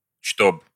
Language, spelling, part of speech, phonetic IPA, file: Russian, чтоб, conjunction, [ʂtop], Ru-чтоб.ogg
- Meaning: alternative form of что́бы (štóby)